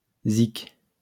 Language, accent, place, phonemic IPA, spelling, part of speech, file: French, France, Lyon, /zik/, zique, noun, LL-Q150 (fra)-zique.wav
- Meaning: alternative spelling of zic